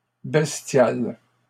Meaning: feminine plural of bestial
- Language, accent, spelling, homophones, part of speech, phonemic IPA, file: French, Canada, bestiales, bestial / bestiale, adjective, /bɛs.tjal/, LL-Q150 (fra)-bestiales.wav